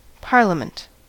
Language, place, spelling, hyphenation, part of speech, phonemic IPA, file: English, California, parliament, par‧lia‧ment, noun, /ˈpɑɹləmənt/, En-us-parliament.ogg
- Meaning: A formal council summoned (especially by a monarch) to discuss important issues